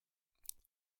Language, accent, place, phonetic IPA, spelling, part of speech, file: German, Germany, Berlin, [ˌʃaʊ̯ə ˈan], schaue an, verb, De-schaue an.ogg
- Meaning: 1. first-person singular present of anschauen 2. inflection of anschauen: first/third-person singular subjunctive I 3. inflection of anschauen: singular imperative